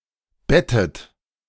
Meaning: inflection of betten: 1. second-person plural present 2. second-person plural subjunctive I 3. third-person singular present 4. plural imperative
- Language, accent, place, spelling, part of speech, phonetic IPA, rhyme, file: German, Germany, Berlin, bettet, verb, [ˈbɛtət], -ɛtət, De-bettet.ogg